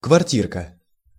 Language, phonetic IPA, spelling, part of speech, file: Russian, [kvɐrˈtʲirkə], квартирка, noun, Ru-квартирка.ogg
- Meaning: diminutive of кварти́ра (kvartíra): (small) flat, apartment